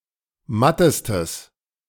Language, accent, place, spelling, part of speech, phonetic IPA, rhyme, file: German, Germany, Berlin, mattestes, adjective, [ˈmatəstəs], -atəstəs, De-mattestes.ogg
- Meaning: strong/mixed nominative/accusative neuter singular superlative degree of matt